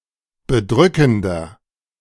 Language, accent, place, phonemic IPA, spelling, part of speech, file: German, Germany, Berlin, /bəˈdʁʏkəndɐ/, bedrückender, adjective / verb, De-bedrückender.ogg
- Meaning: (adjective) 1. comparative degree of bedrückend 2. inflection of bedrückend: strong/mixed nominative masculine singular 3. inflection of bedrückend: strong genitive/dative feminine singular